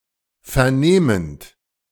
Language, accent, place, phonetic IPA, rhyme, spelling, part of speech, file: German, Germany, Berlin, [fɛɐ̯ˈneːmənt], -eːmənt, vernehmend, verb, De-vernehmend.ogg
- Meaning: present participle of vernehmen